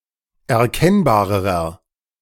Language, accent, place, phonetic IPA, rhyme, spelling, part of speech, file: German, Germany, Berlin, [ɛɐ̯ˈkɛnbaːʁəʁɐ], -ɛnbaːʁəʁɐ, erkennbarerer, adjective, De-erkennbarerer.ogg
- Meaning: inflection of erkennbar: 1. strong/mixed nominative masculine singular comparative degree 2. strong genitive/dative feminine singular comparative degree 3. strong genitive plural comparative degree